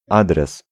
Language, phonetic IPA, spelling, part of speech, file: Polish, [ˈadrɛs], adres, noun, Pl-adres.ogg